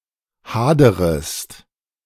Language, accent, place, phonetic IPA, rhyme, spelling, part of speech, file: German, Germany, Berlin, [ˈhaːdəʁəst], -aːdəʁəst, haderest, verb, De-haderest.ogg
- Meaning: second-person singular subjunctive I of hadern